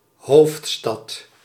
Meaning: 1. capital city 2. The EU-member states, as opposed to 'Brussel'
- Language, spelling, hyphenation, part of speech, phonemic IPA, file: Dutch, hoofdstad, hoofd‧stad, noun, /ˈɦoːftstɑt/, Nl-hoofdstad.ogg